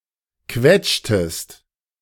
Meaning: inflection of quetschen: 1. second-person singular preterite 2. second-person singular subjunctive II
- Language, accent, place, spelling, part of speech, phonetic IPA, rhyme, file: German, Germany, Berlin, quetschtest, verb, [ˈkvɛt͡ʃtəst], -ɛt͡ʃtəst, De-quetschtest.ogg